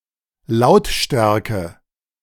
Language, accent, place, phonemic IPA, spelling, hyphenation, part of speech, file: German, Germany, Berlin, /ˈlaʊ̯tˌʃtɛʁkə/, Lautstärke, Laut‧stär‧ke, noun, De-Lautstärke.ogg
- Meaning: 1. volume 2. loudness